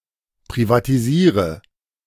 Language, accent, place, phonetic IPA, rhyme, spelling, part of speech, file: German, Germany, Berlin, [pʁivatiˈziːʁə], -iːʁə, privatisiere, verb, De-privatisiere.ogg
- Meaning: inflection of privatisieren: 1. first-person singular present 2. singular imperative 3. first/third-person singular subjunctive I